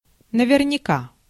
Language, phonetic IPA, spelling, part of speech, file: Russian, [nəvʲɪrnʲɪˈka], наверняка, adverb, Ru-наверняка.ogg
- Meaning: 1. certainly, for sure 2. safely